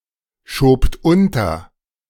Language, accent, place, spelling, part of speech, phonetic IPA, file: German, Germany, Berlin, schobt unter, verb, [ˌʃoːpt ˈʊntɐ], De-schobt unter.ogg
- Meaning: second-person plural preterite of unterschieben